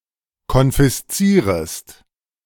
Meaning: second-person singular subjunctive I of konfiszieren
- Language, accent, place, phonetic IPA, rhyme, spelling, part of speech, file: German, Germany, Berlin, [kɔnfɪsˈt͡siːʁəst], -iːʁəst, konfiszierest, verb, De-konfiszierest.ogg